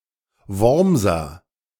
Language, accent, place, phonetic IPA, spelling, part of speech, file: German, Germany, Berlin, [ˈvɔʁmzɐ], Wormser, noun / adjective / proper noun, De-Wormser.ogg
- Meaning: of Worms